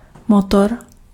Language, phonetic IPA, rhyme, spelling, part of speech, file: Czech, [ˈmotor], -otor, motor, noun, Cs-motor.ogg
- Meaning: engine, motor